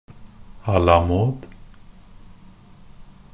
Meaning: 1. à la mode, fashionable; in a particular style or fashion 2. modern, the latest trend
- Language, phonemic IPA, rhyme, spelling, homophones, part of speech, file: Norwegian Bokmål, /a.laˈmɔːd/, -mɔːd, à la mode, a la mode, adverb, NB - Pronunciation of Norwegian Bokmål «à la mode».ogg